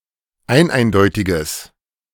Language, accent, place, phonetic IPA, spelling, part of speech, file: German, Germany, Berlin, [ˈaɪ̯nˌʔaɪ̯ndɔɪ̯tɪɡəs], eineindeutiges, adjective, De-eineindeutiges.ogg
- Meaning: strong/mixed nominative/accusative neuter singular of eineindeutig